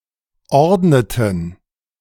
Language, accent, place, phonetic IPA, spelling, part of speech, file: German, Germany, Berlin, [ˈɔʁdnətn̩], ordneten, verb, De-ordneten.ogg
- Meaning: inflection of ordnen: 1. first/third-person plural preterite 2. first/third-person plural subjunctive II